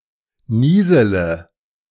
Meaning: third-person singular subjunctive I of nieseln
- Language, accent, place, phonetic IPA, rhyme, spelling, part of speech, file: German, Germany, Berlin, [ˈniːzələ], -iːzələ, niesele, verb, De-niesele.ogg